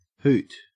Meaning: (noun) 1. A derisive cry or shout 2. The cry of an owl 3. A fun event or person 4. A small particle; a whit or jot; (verb) 1. To cry out or shout in contempt 2. To make a hoo, the cry of an owl
- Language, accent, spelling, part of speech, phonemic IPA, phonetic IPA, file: English, Australia, hoot, noun / verb, /hʉːt/, [hïɯt], En-au-hoot.ogg